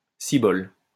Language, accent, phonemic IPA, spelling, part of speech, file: French, France, /si.bɔl/, cibole, interjection, LL-Q150 (fra)-cibole.wav
- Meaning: euphemistic form of ciboire